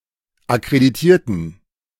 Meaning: inflection of akkreditieren: 1. first/third-person plural preterite 2. first/third-person plural subjunctive II
- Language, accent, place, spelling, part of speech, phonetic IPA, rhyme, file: German, Germany, Berlin, akkreditierten, adjective / verb, [akʁediˈtiːɐ̯tn̩], -iːɐ̯tn̩, De-akkreditierten.ogg